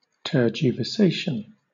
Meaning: The act of abandoning something or someone, of changing sides; desertion; betrayal
- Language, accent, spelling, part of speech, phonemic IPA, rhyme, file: English, Southern England, tergiversation, noun, /tɜːd͡ʒɪvəˈseɪʃən/, -eɪʃən, LL-Q1860 (eng)-tergiversation.wav